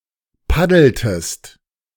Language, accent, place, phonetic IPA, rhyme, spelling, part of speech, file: German, Germany, Berlin, [ˈpadl̩təst], -adl̩təst, paddeltest, verb, De-paddeltest.ogg
- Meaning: inflection of paddeln: 1. second-person singular preterite 2. second-person singular subjunctive II